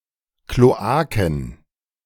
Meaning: plural of Kloake
- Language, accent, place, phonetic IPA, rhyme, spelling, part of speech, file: German, Germany, Berlin, [kloˈaːkn̩], -aːkn̩, Kloaken, noun, De-Kloaken.ogg